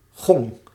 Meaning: gong (disc-shaped metal percussion instrument)
- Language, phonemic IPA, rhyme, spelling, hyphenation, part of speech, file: Dutch, /ɣɔŋ/, -ɔŋ, gong, gong, noun, Nl-gong.ogg